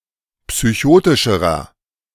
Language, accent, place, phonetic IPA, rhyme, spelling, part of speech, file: German, Germany, Berlin, [psyˈçoːtɪʃəʁɐ], -oːtɪʃəʁɐ, psychotischerer, adjective, De-psychotischerer.ogg
- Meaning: inflection of psychotisch: 1. strong/mixed nominative masculine singular comparative degree 2. strong genitive/dative feminine singular comparative degree 3. strong genitive plural comparative degree